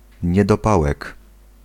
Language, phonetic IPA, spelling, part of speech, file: Polish, [ˌɲɛdɔˈpawɛk], niedopałek, noun, Pl-niedopałek.ogg